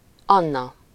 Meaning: a female given name, equivalent to English Ann
- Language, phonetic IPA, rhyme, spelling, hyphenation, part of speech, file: Hungarian, [ˈɒnːɒ], -nɒ, Anna, An‧na, proper noun, Hu-Anna.ogg